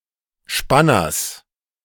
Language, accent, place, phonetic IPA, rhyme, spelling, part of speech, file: German, Germany, Berlin, [ˈʃpanɐs], -anɐs, Spanners, noun, De-Spanners.ogg
- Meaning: genitive singular of Spanner